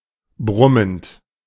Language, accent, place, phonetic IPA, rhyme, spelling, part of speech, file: German, Germany, Berlin, [ˈbʁʊmənt], -ʊmənt, brummend, verb, De-brummend.ogg
- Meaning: present participle of brummen